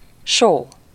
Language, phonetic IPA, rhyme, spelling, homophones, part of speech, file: Hungarian, [ˈʃoː], -ʃoː, só, show, noun, Hu-só.ogg
- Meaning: salt (a common substance, chemically consisting mainly of sodium chloride (NaCl), used extensively as a condiment and preservative)